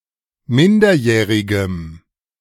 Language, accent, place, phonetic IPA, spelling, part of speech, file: German, Germany, Berlin, [ˈmɪndɐˌjɛːʁɪɡəm], minderjährigem, adjective, De-minderjährigem.ogg
- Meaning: strong dative masculine/neuter singular of minderjährig